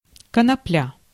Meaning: cannabis, hemp
- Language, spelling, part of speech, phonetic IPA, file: Russian, конопля, noun, [kənɐˈplʲa], Ru-конопля.ogg